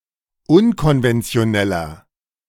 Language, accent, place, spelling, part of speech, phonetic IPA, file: German, Germany, Berlin, unkonventioneller, adjective, [ˈʊnkɔnvɛnt͡si̯oˌnɛlɐ], De-unkonventioneller.ogg
- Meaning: 1. comparative degree of unkonventionell 2. inflection of unkonventionell: strong/mixed nominative masculine singular 3. inflection of unkonventionell: strong genitive/dative feminine singular